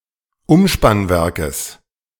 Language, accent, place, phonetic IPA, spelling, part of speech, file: German, Germany, Berlin, [ˈʊmʃpanˌvɛʁkəs], Umspannwerkes, noun, De-Umspannwerkes.ogg
- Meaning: genitive singular of Umspannwerk